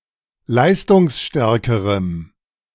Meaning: strong dative masculine/neuter singular comparative degree of leistungsstark
- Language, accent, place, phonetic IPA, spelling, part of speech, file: German, Germany, Berlin, [ˈlaɪ̯stʊŋsˌʃtɛʁkəʁəm], leistungsstärkerem, adjective, De-leistungsstärkerem.ogg